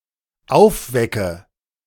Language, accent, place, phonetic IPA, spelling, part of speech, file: German, Germany, Berlin, [ˈaʊ̯fˌvɛkə], aufwecke, verb, De-aufwecke.ogg
- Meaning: inflection of aufwecken: 1. first-person singular dependent present 2. first/third-person singular dependent subjunctive I